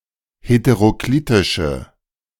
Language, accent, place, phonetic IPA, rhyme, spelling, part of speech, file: German, Germany, Berlin, [hetəʁoˈkliːtɪʃə], -iːtɪʃə, heteroklitische, adjective, De-heteroklitische.ogg
- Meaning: inflection of heteroklitisch: 1. strong/mixed nominative/accusative feminine singular 2. strong nominative/accusative plural 3. weak nominative all-gender singular